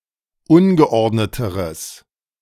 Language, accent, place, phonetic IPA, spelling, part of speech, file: German, Germany, Berlin, [ˈʊnɡəˌʔɔʁdnətəʁəs], ungeordneteres, adjective, De-ungeordneteres.ogg
- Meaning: strong/mixed nominative/accusative neuter singular comparative degree of ungeordnet